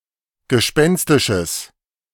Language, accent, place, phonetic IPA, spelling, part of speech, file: German, Germany, Berlin, [ɡəˈʃpɛnstɪʃəs], gespenstisches, adjective, De-gespenstisches.ogg
- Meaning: strong/mixed nominative/accusative neuter singular of gespenstisch